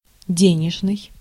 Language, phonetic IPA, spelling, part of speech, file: Russian, [ˈdʲenʲɪʐnɨj], денежный, adjective, Ru-денежный.ogg
- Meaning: monetary, pecuniary (relating to money)